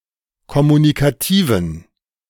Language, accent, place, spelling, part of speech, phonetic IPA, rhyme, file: German, Germany, Berlin, kommunikativen, adjective, [kɔmunikaˈtiːvn̩], -iːvn̩, De-kommunikativen.ogg
- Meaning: inflection of kommunikativ: 1. strong genitive masculine/neuter singular 2. weak/mixed genitive/dative all-gender singular 3. strong/weak/mixed accusative masculine singular 4. strong dative plural